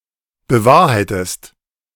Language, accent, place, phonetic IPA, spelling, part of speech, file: German, Germany, Berlin, [bəˈvaːɐ̯haɪ̯təst], bewahrheitest, verb, De-bewahrheitest.ogg
- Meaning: inflection of bewahrheiten: 1. second-person singular present 2. second-person singular subjunctive I